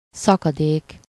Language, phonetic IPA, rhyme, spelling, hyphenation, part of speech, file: Hungarian, [ˈsɒkɒdeːk], -eːk, szakadék, sza‧ka‧dék, noun, Hu-szakadék.ogg
- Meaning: 1. precipice, abyss, chasm 2. gap, gulf (a difference, especially a large difference, between groups)